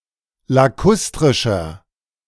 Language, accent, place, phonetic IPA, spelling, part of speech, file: German, Germany, Berlin, [laˈkʊstʁɪʃɐ], lakustrischer, adjective, De-lakustrischer.ogg
- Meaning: inflection of lakustrisch: 1. strong/mixed nominative masculine singular 2. strong genitive/dative feminine singular 3. strong genitive plural